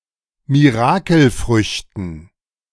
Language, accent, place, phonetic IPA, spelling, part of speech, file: German, Germany, Berlin, [miˈʁaːkl̩ˌfʁʏçtn̩], Mirakelfrüchten, noun, De-Mirakelfrüchten.ogg
- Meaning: dative plural of Mirakelfrucht